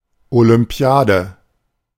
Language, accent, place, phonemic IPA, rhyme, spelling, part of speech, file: German, Germany, Berlin, /olʏmˈpi̯aːdə/, -aːdə, Olympiade, noun, De-Olympiade.ogg
- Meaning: 1. olympiad, the period of 4 years between two Olympic games 2. the Olympic games